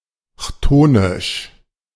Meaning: chthonic
- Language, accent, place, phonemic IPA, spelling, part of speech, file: German, Germany, Berlin, /ˈçtoːnɪʃ/, chthonisch, adjective, De-chthonisch.ogg